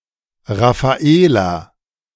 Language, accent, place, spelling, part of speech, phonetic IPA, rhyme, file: German, Germany, Berlin, Rafaela, proper noun, [ˌʁafaˈeːla], -eːla, De-Rafaela.ogg
- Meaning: a female given name, variant of Raphaela